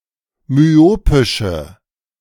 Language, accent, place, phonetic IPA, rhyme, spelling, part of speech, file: German, Germany, Berlin, [myˈoːpɪʃə], -oːpɪʃə, myopische, adjective, De-myopische.ogg
- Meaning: inflection of myopisch: 1. strong/mixed nominative/accusative feminine singular 2. strong nominative/accusative plural 3. weak nominative all-gender singular